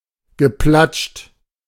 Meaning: past participle of platschen
- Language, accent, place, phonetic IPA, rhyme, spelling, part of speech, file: German, Germany, Berlin, [ɡəˈplat͡ʃt], -at͡ʃt, geplatscht, verb, De-geplatscht.ogg